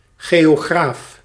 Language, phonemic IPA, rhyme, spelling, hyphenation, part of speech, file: Dutch, /ɣeː.oːˈɣraːf/, -aːf, geograaf, geo‧graaf, noun, Nl-geograaf.ogg
- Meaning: a geographer, student of or specialist in geography